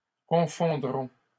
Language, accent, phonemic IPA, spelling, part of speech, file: French, Canada, /kɔ̃.fɔ̃.dʁɔ̃/, confondront, verb, LL-Q150 (fra)-confondront.wav
- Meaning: third-person plural future of confondre